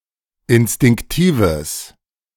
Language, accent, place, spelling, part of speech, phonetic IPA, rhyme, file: German, Germany, Berlin, instinktives, adjective, [ɪnstɪŋkˈtiːvəs], -iːvəs, De-instinktives.ogg
- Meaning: strong/mixed nominative/accusative neuter singular of instinktiv